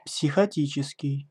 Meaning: psychotic
- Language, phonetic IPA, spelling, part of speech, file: Russian, [psʲɪxɐˈtʲit͡ɕɪskʲɪj], психотический, adjective, Ru-психотический.ogg